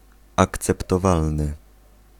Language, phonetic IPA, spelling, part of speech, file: Polish, [ˌakt͡sɛptɔˈvalnɨ], akceptowalny, adjective, Pl-akceptowalny.ogg